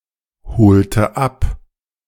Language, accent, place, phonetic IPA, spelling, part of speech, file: German, Germany, Berlin, [ˌhoːltə ˈap], holte ab, verb, De-holte ab.ogg
- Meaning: inflection of abholen: 1. first/third-person singular preterite 2. first/third-person singular subjunctive II